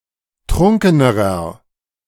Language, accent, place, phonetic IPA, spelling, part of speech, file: German, Germany, Berlin, [ˈtʁʊŋkənəʁɐ], trunkenerer, adjective, De-trunkenerer.ogg
- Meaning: inflection of trunken: 1. strong/mixed nominative masculine singular comparative degree 2. strong genitive/dative feminine singular comparative degree 3. strong genitive plural comparative degree